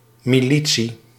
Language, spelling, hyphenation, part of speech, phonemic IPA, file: Dutch, militie, mi‧li‧tie, noun, /ˌmiˈli.(t)si/, Nl-militie.ogg
- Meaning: 1. a militia 2. military personnel